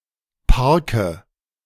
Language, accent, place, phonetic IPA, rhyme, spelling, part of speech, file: German, Germany, Berlin, [ˈpaʁkə], -aʁkə, parke, verb, De-parke.ogg
- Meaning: inflection of parken: 1. first-person singular present 2. singular imperative 3. first/third-person singular subjunctive I